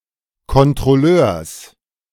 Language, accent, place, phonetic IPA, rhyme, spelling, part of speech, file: German, Germany, Berlin, [kɔntʁɔˈløːɐ̯s], -øːɐ̯s, Kontrolleurs, noun, De-Kontrolleurs.ogg
- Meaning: genitive singular of Kontrolleur